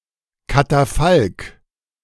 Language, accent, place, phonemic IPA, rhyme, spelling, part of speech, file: German, Germany, Berlin, /kataˈfalk/, -alk, Katafalk, noun, De-Katafalk.ogg
- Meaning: catafalque (platform to display or convey a coffin)